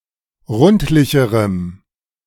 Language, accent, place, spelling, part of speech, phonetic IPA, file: German, Germany, Berlin, rundlicherem, adjective, [ˈʁʊntlɪçəʁəm], De-rundlicherem.ogg
- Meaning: strong dative masculine/neuter singular comparative degree of rundlich